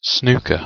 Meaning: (noun) 1. A cue sport, popular in the UK and other Commonwealth of Nations countries 2. The situation where the cue ball is in such a position that the player cannot directly hit a legal ball with it
- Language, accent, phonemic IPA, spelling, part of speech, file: English, UK, /ˈsnuːkə(ɹ)/, snooker, noun / verb, En-uk-snooker.ogg